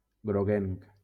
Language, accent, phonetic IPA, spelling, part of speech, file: Catalan, Valencia, [ɡɾoˈɣeŋk], groguenc, adjective, LL-Q7026 (cat)-groguenc.wav
- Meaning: yellowish